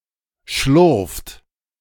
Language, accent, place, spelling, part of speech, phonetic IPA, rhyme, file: German, Germany, Berlin, schlurft, verb, [ʃlʊʁft], -ʊʁft, De-schlurft.ogg
- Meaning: inflection of schlurfen: 1. third-person singular present 2. second-person plural present 3. plural imperative